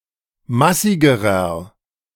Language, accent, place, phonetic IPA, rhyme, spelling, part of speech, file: German, Germany, Berlin, [ˈmasɪɡəʁɐ], -asɪɡəʁɐ, massigerer, adjective, De-massigerer.ogg
- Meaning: inflection of massig: 1. strong/mixed nominative masculine singular comparative degree 2. strong genitive/dative feminine singular comparative degree 3. strong genitive plural comparative degree